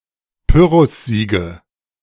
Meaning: nominative/accusative/genitive plural of Pyrrhussieg
- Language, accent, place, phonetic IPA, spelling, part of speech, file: German, Germany, Berlin, [ˈpʏʁʊsˌziːɡə], Pyrrhussiege, noun, De-Pyrrhussiege.ogg